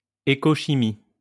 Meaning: ecochemistry
- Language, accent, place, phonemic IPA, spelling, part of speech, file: French, France, Lyon, /e.ko.ʃi.mi/, écochimie, noun, LL-Q150 (fra)-écochimie.wav